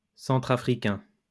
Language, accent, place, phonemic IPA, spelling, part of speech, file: French, France, Lyon, /sɑ̃.tʁa.fʁi.kɛ̃/, centrafricain, adjective, LL-Q150 (fra)-centrafricain.wav
- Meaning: Central African